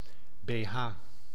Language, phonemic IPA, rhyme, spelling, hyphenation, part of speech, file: Dutch, /beːˈɦaː/, -aː, beha, be‧ha, noun, Nl-beha.ogg
- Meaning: alternative spelling of bh (“bra”)